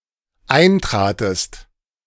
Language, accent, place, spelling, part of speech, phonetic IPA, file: German, Germany, Berlin, eintratest, verb, [ˈaɪ̯ntʁaːtəst], De-eintratest.ogg
- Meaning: second-person singular dependent preterite of eintreten